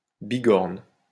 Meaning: 1. beak-iron, bickern 2. slang, jargon, lingo
- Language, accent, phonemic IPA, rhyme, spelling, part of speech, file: French, France, /bi.ɡɔʁn/, -ɔʁn, bigorne, noun, LL-Q150 (fra)-bigorne.wav